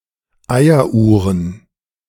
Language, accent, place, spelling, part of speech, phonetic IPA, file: German, Germany, Berlin, Eieruhren, noun, [ˈaɪ̯ɐˌʔuːʁən], De-Eieruhren.ogg
- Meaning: plural of Eieruhr